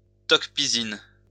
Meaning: Tok Pisin
- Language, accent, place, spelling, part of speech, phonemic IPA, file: French, France, Lyon, tok pisin, noun, /tɔk pi.sin/, LL-Q150 (fra)-tok pisin.wav